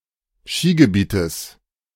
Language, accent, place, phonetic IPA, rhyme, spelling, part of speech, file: German, Germany, Berlin, [ˈʃiːɡəˌbiːtəs], -iːɡəbiːtəs, Skigebietes, noun, De-Skigebietes.ogg
- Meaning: genitive singular of Skigebiet